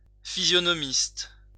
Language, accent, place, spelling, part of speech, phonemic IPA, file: French, France, Lyon, physionomiste, noun, /fi.zjɔ.nɔ.mist/, LL-Q150 (fra)-physionomiste.wav
- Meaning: 1. someone with a good memory for faces 2. bouncer 3. A physiognomist